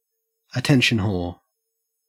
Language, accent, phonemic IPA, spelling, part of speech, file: English, Australia, /əˈtɛn.ʃən ho(ː)ɹ/, attention whore, noun / verb, En-au-attention whore.ogg
- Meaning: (noun) A person who routinely solicits attention through inappropriate tactics and provocation; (verb) To seek attention through inappropriate means or to an excessive degree